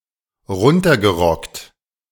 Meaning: alternative form of abgerockt
- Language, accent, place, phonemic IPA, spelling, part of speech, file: German, Germany, Berlin, /ˈʁʊntɐɡəˌʁɔkt/, runtergerockt, adjective, De-runtergerockt.ogg